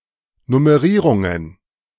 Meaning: plural of Nummerierung
- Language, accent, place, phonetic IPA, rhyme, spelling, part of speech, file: German, Germany, Berlin, [nʊməˈʁiːʁʊŋən], -iːʁʊŋən, Nummerierungen, noun, De-Nummerierungen.ogg